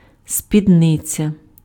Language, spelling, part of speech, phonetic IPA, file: Ukrainian, спідниця, noun, [sʲpʲidˈnɪt͡sʲɐ], Uk-спідниця.ogg
- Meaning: skirt